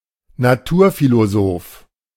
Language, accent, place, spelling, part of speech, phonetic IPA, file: German, Germany, Berlin, Naturphilosoph, noun, [naˈtuːɐ̯filoˌzoːf], De-Naturphilosoph.ogg
- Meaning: natural philosopher